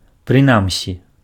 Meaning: 1. at least 2. in any case
- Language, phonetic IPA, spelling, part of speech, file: Belarusian, [prɨˈnamsʲi], прынамсі, adverb, Be-прынамсі.ogg